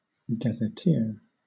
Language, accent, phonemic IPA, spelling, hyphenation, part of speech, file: English, Southern England, /ˌɡæzəˈtɪə/, gazetteer, ga‧zet‧teer, noun / verb, LL-Q1860 (eng)-gazetteer.wav
- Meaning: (noun) 1. A person who writes for a gazette or newspaper; a journalist; (specifically) a journalist engaged by a government 2. A gazette, a newspaper